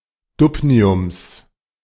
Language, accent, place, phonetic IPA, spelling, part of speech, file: German, Germany, Berlin, [ˈdubniʊms], Dubniums, noun, De-Dubniums.ogg
- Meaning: genitive singular of Dubnium